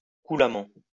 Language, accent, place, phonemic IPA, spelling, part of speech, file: French, France, Lyon, /ku.la.mɑ̃/, coulamment, adverb, LL-Q150 (fra)-coulamment.wav
- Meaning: fluidly